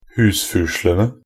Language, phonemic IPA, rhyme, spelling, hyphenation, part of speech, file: Norwegian Bokmål, /ˈhʉːsfʉːʂlənə/, -ənə, husfuslene, hus‧fu‧sle‧ne, noun, Nb-husfuslene.ogg
- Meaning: definite plural of husfusel